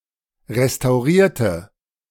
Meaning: inflection of restaurieren: 1. first/third-person singular preterite 2. first/third-person singular subjunctive II
- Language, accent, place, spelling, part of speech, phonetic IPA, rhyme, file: German, Germany, Berlin, restaurierte, adjective / verb, [ʁestaʊ̯ˈʁiːɐ̯tə], -iːɐ̯tə, De-restaurierte.ogg